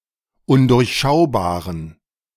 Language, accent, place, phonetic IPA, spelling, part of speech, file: German, Germany, Berlin, [ˈʊndʊʁçˌʃaʊ̯baːʁən], undurchschaubaren, adjective, De-undurchschaubaren.ogg
- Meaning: inflection of undurchschaubar: 1. strong genitive masculine/neuter singular 2. weak/mixed genitive/dative all-gender singular 3. strong/weak/mixed accusative masculine singular 4. strong dative plural